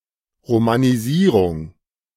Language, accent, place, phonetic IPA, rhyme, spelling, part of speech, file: German, Germany, Berlin, [ʁomaniˈziːʁʊŋ], -iːʁʊŋ, Romanisierung, noun, De-Romanisierung.ogg
- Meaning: 1. romanisation (Putting text into the Latin (Roman) alphabet) 2. the act or process of making something Roman